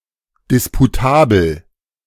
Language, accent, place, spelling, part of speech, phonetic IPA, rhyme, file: German, Germany, Berlin, disputabel, adjective, [ˌdɪspuˈtaːbl̩], -aːbl̩, De-disputabel.ogg
- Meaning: disputable